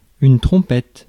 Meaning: trumpet
- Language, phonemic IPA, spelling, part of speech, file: French, /tʁɔ̃.pɛt/, trompette, noun, Fr-trompette.ogg